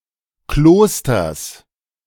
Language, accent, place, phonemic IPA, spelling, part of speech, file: German, Germany, Berlin, /ˈkloːstɐs/, Klosters, noun, De-Klosters.ogg
- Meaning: genitive singular of Kloster